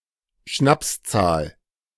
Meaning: repdigit
- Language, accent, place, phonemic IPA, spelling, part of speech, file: German, Germany, Berlin, /ˈʃnapsˌt͡saːl/, Schnapszahl, noun, De-Schnapszahl.ogg